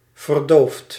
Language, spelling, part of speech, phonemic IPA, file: Dutch, verdoofd, adjective / adverb / verb, /vərˈdoft/, Nl-verdoofd.ogg
- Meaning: past participle of verdoven